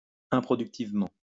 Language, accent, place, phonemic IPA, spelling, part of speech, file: French, France, Lyon, /ɛ̃.pʁɔ.dyk.tiv.mɑ̃/, improductivement, adverb, LL-Q150 (fra)-improductivement.wav
- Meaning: unproductively